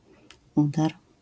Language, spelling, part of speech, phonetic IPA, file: Polish, udar, noun, [ˈudar], LL-Q809 (pol)-udar.wav